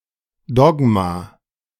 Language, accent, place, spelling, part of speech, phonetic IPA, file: German, Germany, Berlin, Dogma, noun, [ˈdɔɡma], De-Dogma2.ogg
- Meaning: dogma